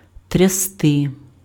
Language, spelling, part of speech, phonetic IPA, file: Ukrainian, трясти, verb, [tʲrʲɐˈstɪ], Uk-трясти.ogg
- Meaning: 1. to shake 2. to jolt, to shake (of a vehicle, etc.) 3. to be shaking